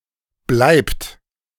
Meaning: third-person singular present of bleiben; (he/she/it/one) stays/remains
- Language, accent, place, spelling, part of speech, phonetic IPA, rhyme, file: German, Germany, Berlin, bleibt, verb, [blaɪ̯pt], -aɪ̯pt, De-bleibt.ogg